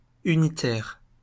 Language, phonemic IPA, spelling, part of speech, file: French, /y.ni.tɛʁ/, unitaire, adjective, LL-Q150 (fra)-unitaire.wav
- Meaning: 1. unitary 2. unit 3. Unitarian